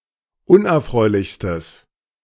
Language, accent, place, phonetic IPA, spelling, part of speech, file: German, Germany, Berlin, [ˈʊnʔɛɐ̯ˌfʁɔɪ̯lɪçstəs], unerfreulichstes, adjective, De-unerfreulichstes.ogg
- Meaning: strong/mixed nominative/accusative neuter singular superlative degree of unerfreulich